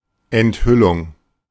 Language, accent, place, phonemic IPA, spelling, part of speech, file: German, Germany, Berlin, /ɛntˈhʏlʊŋ/, Enthüllung, noun, De-Enthüllung.ogg
- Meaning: 1. unveiling 2. revelation